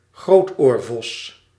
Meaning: bat-eared fox (Otocyon megalotis)
- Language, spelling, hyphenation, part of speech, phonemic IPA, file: Dutch, grootoorvos, groot‧oor‧vos, noun, /ˈɣroːt.oːrˌvɔs/, Nl-grootoorvos.ogg